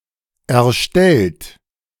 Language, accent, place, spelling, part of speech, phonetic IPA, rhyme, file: German, Germany, Berlin, erstellt, verb, [ɛɐ̯ˈʃtɛlt], -ɛlt, De-erstellt.ogg
- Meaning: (verb) past participle of erstellen; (adjective) 1. created 2. rendered, prepared